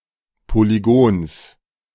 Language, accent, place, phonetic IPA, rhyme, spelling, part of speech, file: German, Germany, Berlin, [poliˈɡoːns], -oːns, Polygons, noun, De-Polygons.ogg
- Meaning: genitive of Polygon